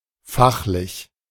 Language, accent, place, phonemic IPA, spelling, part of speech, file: German, Germany, Berlin, /ˈfaxlɪç/, fachlich, adjective / adverb, De-fachlich.ogg
- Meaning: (adjective) 1. technical (having certain skills) 2. specialised; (adverb) technically